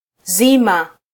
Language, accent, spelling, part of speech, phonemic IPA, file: Swahili, Kenya, zima, adjective / verb, /ˈzi.mɑ/, Sw-ke-zima.flac
- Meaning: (adjective) 1. whole; entire; full 2. mature; fully grown 3. well; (verb) to turn off, extinguish, quell